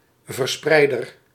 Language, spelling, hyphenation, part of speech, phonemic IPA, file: Dutch, verspreider, ver‧sprei‧der, noun, /vərˈsprɛidər/, Nl-verspreider.ogg
- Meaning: distributor